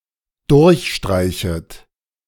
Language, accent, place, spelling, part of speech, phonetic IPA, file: German, Germany, Berlin, durchstreichet, verb, [ˈdʊʁçˌʃtʁaɪ̯çət], De-durchstreichet.ogg
- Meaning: second-person plural dependent subjunctive I of durchstreichen